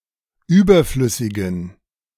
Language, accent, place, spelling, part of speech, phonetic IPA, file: German, Germany, Berlin, überflüssigen, adjective, [ˈyːbɐˌflʏsɪɡn̩], De-überflüssigen.ogg
- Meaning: inflection of überflüssig: 1. strong genitive masculine/neuter singular 2. weak/mixed genitive/dative all-gender singular 3. strong/weak/mixed accusative masculine singular 4. strong dative plural